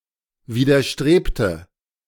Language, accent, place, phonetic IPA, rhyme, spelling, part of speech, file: German, Germany, Berlin, [viːdɐˈʃtʁeːptə], -eːptə, widerstrebte, verb, De-widerstrebte.ogg
- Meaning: inflection of widerstreben: 1. first/third-person singular preterite 2. first/third-person singular subjunctive II